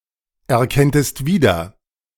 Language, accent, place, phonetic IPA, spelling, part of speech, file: German, Germany, Berlin, [ɛɐ̯ˌkɛntəst ˈviːdɐ], erkenntest wieder, verb, De-erkenntest wieder.ogg
- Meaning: second-person singular subjunctive II of wiedererkennen